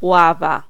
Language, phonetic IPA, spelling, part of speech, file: Polish, [ˈwava], ława, noun, Pl-ława.ogg